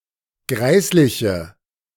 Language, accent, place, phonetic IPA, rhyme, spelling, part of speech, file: German, Germany, Berlin, [ˈɡʁaɪ̯slɪçə], -aɪ̯slɪçə, greisliche, adjective, De-greisliche.ogg
- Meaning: inflection of greislich: 1. strong/mixed nominative/accusative feminine singular 2. strong nominative/accusative plural 3. weak nominative all-gender singular